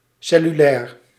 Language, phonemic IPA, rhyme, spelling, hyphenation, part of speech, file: Dutch, /ˌsɛ.lyˈlɛːr/, -ɛːr, cellulair, cel‧lu‧lair, adjective, Nl-cellulair.ogg
- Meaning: cellular